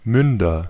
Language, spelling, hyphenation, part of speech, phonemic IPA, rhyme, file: German, Münder, Mün‧der, noun, /ˈmʏndɐ/, -ʏndɐ, De-Münder.ogg
- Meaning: nominative/accusative/genitive plural of Mund